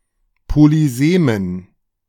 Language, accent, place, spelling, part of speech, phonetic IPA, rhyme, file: German, Germany, Berlin, polysemen, adjective, [poliˈzeːmən], -eːmən, De-polysemen.ogg
- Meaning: inflection of polysem: 1. strong genitive masculine/neuter singular 2. weak/mixed genitive/dative all-gender singular 3. strong/weak/mixed accusative masculine singular 4. strong dative plural